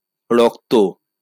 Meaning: blood
- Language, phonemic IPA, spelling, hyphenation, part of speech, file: Bengali, /ˈrɔk.t̪o/, রক্ত, র‧ক্ত, noun, LL-Q9610 (ben)-রক্ত.wav